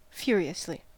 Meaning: 1. In a furious manner; angrily 2. Quickly; frantically; with great effort or speed 3. Intensely, as with embarrassment
- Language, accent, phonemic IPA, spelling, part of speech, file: English, US, /ˈfjʊə̯ɹi.ə̯sli/, furiously, adverb, En-us-furiously.ogg